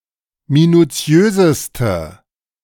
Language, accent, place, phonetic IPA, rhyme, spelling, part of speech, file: German, Germany, Berlin, [minuˈt͡si̯øːzəstə], -øːzəstə, minuziöseste, adjective, De-minuziöseste.ogg
- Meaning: inflection of minuziös: 1. strong/mixed nominative/accusative feminine singular superlative degree 2. strong nominative/accusative plural superlative degree